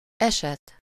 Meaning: 1. case, instance, event, occurrence 2. affair, business, matter 3. story (that happened to someone) 4. case 5. type (preferred sort of person; sort of person that one is attracted to)
- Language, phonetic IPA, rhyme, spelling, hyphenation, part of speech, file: Hungarian, [ˈɛʃɛt], -ɛt, eset, eset, noun, Hu-eset.ogg